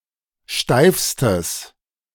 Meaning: strong/mixed nominative/accusative neuter singular superlative degree of steif
- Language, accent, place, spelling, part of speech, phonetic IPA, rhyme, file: German, Germany, Berlin, steifstes, adjective, [ˈʃtaɪ̯fstəs], -aɪ̯fstəs, De-steifstes.ogg